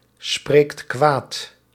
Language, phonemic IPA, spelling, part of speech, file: Dutch, /ˈsprekt ˈkwat/, spreekt kwaad, verb, Nl-spreekt kwaad.ogg
- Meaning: inflection of kwaadspreken: 1. second/third-person singular present indicative 2. plural imperative